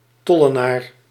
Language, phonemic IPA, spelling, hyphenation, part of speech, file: Dutch, /ˈtɔ.ləˌnaːr/, tollenaar, tol‧le‧naar, noun, Nl-tollenaar.ogg
- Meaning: a tax collector, in particular a collector of tolls; a publican